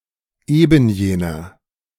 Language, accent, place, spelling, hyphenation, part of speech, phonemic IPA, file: German, Germany, Berlin, ebenjener, eben‧je‧ner, pronoun, /ˈeːbn̩ˌjeːnɐ/, De-ebenjener.ogg
- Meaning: that very, that same